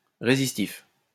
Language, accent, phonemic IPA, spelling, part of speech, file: French, France, /ʁe.zis.tif/, résistif, adjective, LL-Q150 (fra)-résistif.wav
- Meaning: resistive